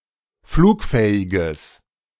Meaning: strong/mixed nominative/accusative neuter singular of flugfähig
- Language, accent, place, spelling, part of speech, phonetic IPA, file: German, Germany, Berlin, flugfähiges, adjective, [ˈfluːkˌfɛːɪɡəs], De-flugfähiges.ogg